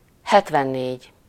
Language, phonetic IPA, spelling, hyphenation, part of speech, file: Hungarian, [ˈhɛtvɛnːeːɟ], hetvennégy, het‧ven‧négy, numeral, Hu-hetvennégy.ogg
- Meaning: seventy-four